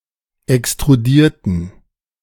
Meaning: inflection of extrudieren: 1. first/third-person plural preterite 2. first/third-person plural subjunctive II
- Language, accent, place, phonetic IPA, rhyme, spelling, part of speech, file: German, Germany, Berlin, [ɛkstʁuˈdiːɐ̯tn̩], -iːɐ̯tn̩, extrudierten, adjective / verb, De-extrudierten.ogg